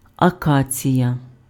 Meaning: acacia (shrub or tree)
- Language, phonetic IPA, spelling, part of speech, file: Ukrainian, [ɐˈkat͡sʲijɐ], акація, noun, Uk-акація.ogg